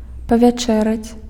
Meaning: 1. to dine, to have dinner, to eat dinner 2. to sup, to have supper, to eat supper
- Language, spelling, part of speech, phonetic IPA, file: Belarusian, павячэраць, verb, [pavʲaˈt͡ʂɛrat͡sʲ], Be-павячэраць.ogg